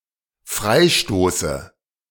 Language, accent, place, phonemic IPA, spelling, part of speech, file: German, Germany, Berlin, /ˈfʁaɪ̯ˌʃtoːsə/, Freistoße, noun, De-Freistoße.ogg
- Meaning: dative singular of Freistoß